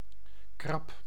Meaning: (noun) crab, crustacean of the infraorder Brachyura; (verb) inflection of krabben: 1. first-person singular present indicative 2. second-person singular present indicative 3. imperative
- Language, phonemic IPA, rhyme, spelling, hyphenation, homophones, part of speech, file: Dutch, /krɑp/, -ɑp, krab, krab, krap, noun / verb, Nl-krab.ogg